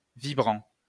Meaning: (verb) present participle of vibrer; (adjective) vibrating
- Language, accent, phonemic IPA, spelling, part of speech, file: French, France, /vi.bʁɑ̃/, vibrant, verb / adjective, LL-Q150 (fra)-vibrant.wav